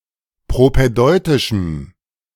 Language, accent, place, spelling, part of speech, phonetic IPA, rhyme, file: German, Germany, Berlin, propädeutischem, adjective, [pʁopɛˈdɔɪ̯tɪʃm̩], -ɔɪ̯tɪʃm̩, De-propädeutischem.ogg
- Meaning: strong dative masculine/neuter singular of propädeutisch